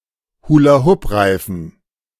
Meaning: hula hoop (toy in the form of a large hoop)
- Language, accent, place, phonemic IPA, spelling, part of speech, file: German, Germany, Berlin, /huːlaˈhʊpˌʁaɪ̯fn̩/, Hula-Hoop-Reifen, noun, De-Hula-Hoop-Reifen.ogg